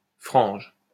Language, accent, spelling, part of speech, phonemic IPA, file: French, France, frange, noun / verb, /fʁɑ̃ʒ/, LL-Q150 (fra)-frange.wav
- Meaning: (noun) fringe; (verb) inflection of franger: 1. first-person singular/third-person singular present indicative/present subjunctive 2. second-person singular imperative